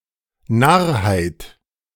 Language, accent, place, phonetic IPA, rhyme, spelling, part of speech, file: German, Germany, Berlin, [ˈnaʁhaɪ̯t], -aʁhaɪ̯t, Narrheit, noun, De-Narrheit.ogg
- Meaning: foolishness